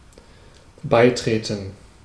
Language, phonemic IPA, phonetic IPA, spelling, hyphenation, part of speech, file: German, /ˈbaɪ̯ˌtʁeːtən/, [ˈbaɪ̯ˌtʁeːtn̩], beitreten, bei‧tre‧ten, verb, De-beitreten.ogg
- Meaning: to join (to become a member of)